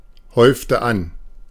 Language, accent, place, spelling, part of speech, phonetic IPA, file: German, Germany, Berlin, häufte an, verb, [ˌhɔɪ̯ftə ˈan], De-häufte an.ogg
- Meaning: inflection of anhäufen: 1. first/third-person singular preterite 2. first/third-person singular subjunctive II